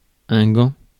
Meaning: glove
- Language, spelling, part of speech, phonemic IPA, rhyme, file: French, gant, noun, /ɡɑ̃/, -ɑ̃, Fr-gant.ogg